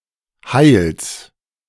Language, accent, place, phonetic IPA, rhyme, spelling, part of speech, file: German, Germany, Berlin, [haɪ̯ls], -aɪ̯ls, Heils, noun, De-Heils.ogg
- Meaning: genitive of Heil